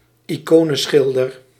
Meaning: someone who paints icons
- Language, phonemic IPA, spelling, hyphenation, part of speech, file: Dutch, /iˈkonə(n)ˌsxɪldər/, iconenschilder, ico‧nen‧schil‧der, noun, Nl-iconenschilder.ogg